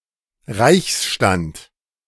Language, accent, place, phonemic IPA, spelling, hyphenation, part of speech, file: German, Germany, Berlin, /ˈʁaɪ̯çsˌʃtant/, Reichsstand, Reichs‧stand, noun, De-Reichsstand.ogg
- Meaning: imperial estate